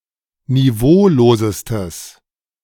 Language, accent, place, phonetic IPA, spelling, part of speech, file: German, Germany, Berlin, [niˈvoːloːzəstəs], niveaulosestes, adjective, De-niveaulosestes.ogg
- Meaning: strong/mixed nominative/accusative neuter singular superlative degree of niveaulos